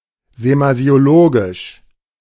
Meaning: semasiological
- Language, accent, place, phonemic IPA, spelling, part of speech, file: German, Germany, Berlin, /zemazi̯oˈloːɡɪʃ/, semasiologisch, adjective, De-semasiologisch.ogg